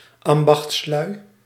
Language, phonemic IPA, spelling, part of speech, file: Dutch, /ˈɑmbɑx(t)sˌlœy/, ambachtslui, noun, Nl-ambachtslui.ogg
- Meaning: plural of ambachtsman